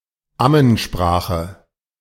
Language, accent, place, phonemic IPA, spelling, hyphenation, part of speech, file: German, Germany, Berlin, /ˈamənˌʃpʁaːxə/, Ammensprache, Am‧men‧spra‧che, noun, De-Ammensprache.ogg
- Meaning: baby talk, parentese